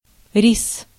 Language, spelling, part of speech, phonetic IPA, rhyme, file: Russian, рис, noun, [rʲis], -is, Ru-рис.ogg
- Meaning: 1. rice, paddy (plants) 2. rice (food)